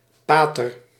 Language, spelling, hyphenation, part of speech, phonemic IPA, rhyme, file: Dutch, pater, pa‧ter, noun, /ˈpaː.tər/, -aːtər, Nl-pater.ogg
- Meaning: father (as a religious title)